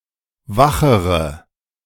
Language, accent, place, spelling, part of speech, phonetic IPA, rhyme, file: German, Germany, Berlin, wachere, adjective, [ˈvaxəʁə], -axəʁə, De-wachere.ogg
- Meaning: inflection of wach: 1. strong/mixed nominative/accusative feminine singular comparative degree 2. strong nominative/accusative plural comparative degree